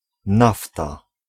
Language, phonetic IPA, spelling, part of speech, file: Polish, [ˈnafta], nafta, noun, Pl-nafta.ogg